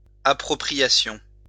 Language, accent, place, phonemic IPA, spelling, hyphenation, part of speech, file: French, France, Lyon, /a.pʁɔ.pʁi.ja.sjɔ̃/, appropriation, ap‧pro‧pri‧a‧tion, noun, LL-Q150 (fra)-appropriation.wav
- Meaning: appropriation